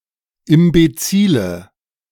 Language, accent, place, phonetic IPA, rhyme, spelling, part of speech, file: German, Germany, Berlin, [ɪmbeˈt͡siːlə], -iːlə, imbezile, adjective, De-imbezile.ogg
- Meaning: inflection of imbezil: 1. strong/mixed nominative/accusative feminine singular 2. strong nominative/accusative plural 3. weak nominative all-gender singular 4. weak accusative feminine/neuter singular